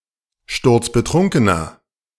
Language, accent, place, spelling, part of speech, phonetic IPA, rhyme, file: German, Germany, Berlin, sturzbetrunkener, adjective, [ˈʃtʊʁt͡sbəˈtʁʊŋkənɐ], -ʊŋkənɐ, De-sturzbetrunkener.ogg
- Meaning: inflection of sturzbetrunken: 1. strong/mixed nominative masculine singular 2. strong genitive/dative feminine singular 3. strong genitive plural